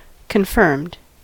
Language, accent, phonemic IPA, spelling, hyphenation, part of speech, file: English, US, /kənˈfɝmd/, confirmed, con‧firmed, verb / adjective, En-us-confirmed.ogg
- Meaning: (verb) simple past and past participle of confirm; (adjective) 1. Having a settled habit; inveterate or habitual 2. Verified or ratified 3. Having received the rite of confirmation